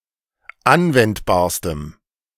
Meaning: strong dative masculine/neuter singular superlative degree of anwendbar
- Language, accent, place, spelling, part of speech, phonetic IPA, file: German, Germany, Berlin, anwendbarstem, adjective, [ˈanvɛntbaːɐ̯stəm], De-anwendbarstem.ogg